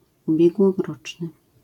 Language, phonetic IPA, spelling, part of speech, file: Polish, [ˌubʲjɛɡwɔˈrɔt͡ʃnɨ], ubiegłoroczny, adjective, LL-Q809 (pol)-ubiegłoroczny.wav